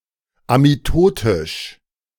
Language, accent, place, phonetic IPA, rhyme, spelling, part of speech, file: German, Germany, Berlin, [amiˈtoːtɪʃ], -oːtɪʃ, amitotisch, adjective, De-amitotisch.ogg
- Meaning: amitotic